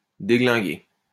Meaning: 1. to knacker, screw up 2. to fuck, screw
- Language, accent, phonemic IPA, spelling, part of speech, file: French, France, /de.ɡlɛ̃.ɡe/, déglinguer, verb, LL-Q150 (fra)-déglinguer.wav